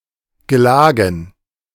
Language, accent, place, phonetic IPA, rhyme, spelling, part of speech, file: German, Germany, Berlin, [ɡəˈlaːɡn̩], -aːɡn̩, Gelagen, noun, De-Gelagen.ogg
- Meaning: dative plural of Gelage